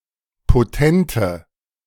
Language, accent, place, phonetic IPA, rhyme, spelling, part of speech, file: German, Germany, Berlin, [poˈtɛntə], -ɛntə, potente, adjective, De-potente.ogg
- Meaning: inflection of potent: 1. strong/mixed nominative/accusative feminine singular 2. strong nominative/accusative plural 3. weak nominative all-gender singular 4. weak accusative feminine/neuter singular